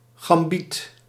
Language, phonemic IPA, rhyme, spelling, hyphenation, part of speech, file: Dutch, /ɣɑmˈbit/, -it, gambiet, gam‧biet, noun, Nl-gambiet.ogg
- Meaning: gambit